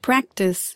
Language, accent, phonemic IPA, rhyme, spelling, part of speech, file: English, US, /ˈpɹæktɪs/, -æktɪs, practise, verb / noun, En-us-practise.ogg
- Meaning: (verb) 1. To repeat (an activity) as a way of improving one's skill in that activity 2. To repeat an activity in this way 3. To perform or observe in an habitual fashion